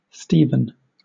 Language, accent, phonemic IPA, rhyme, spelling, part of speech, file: English, Southern England, /ˈstiːvən/, -iːvən, Steven, proper noun, LL-Q1860 (eng)-Steven.wav
- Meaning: A male given name from Ancient Greek, variant of Stephen